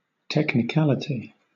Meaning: 1. The quality or state of being technical 2. That which is technical, or peculiar to any trade, profession, sect, or the like
- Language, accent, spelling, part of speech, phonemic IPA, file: English, Southern England, technicality, noun, /ˌtɛknɪˈkælɪti/, LL-Q1860 (eng)-technicality.wav